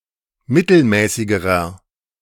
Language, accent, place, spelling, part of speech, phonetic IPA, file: German, Germany, Berlin, mittelmäßigerer, adjective, [ˈmɪtl̩ˌmɛːsɪɡəʁɐ], De-mittelmäßigerer.ogg
- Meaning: inflection of mittelmäßig: 1. strong/mixed nominative masculine singular comparative degree 2. strong genitive/dative feminine singular comparative degree 3. strong genitive plural comparative degree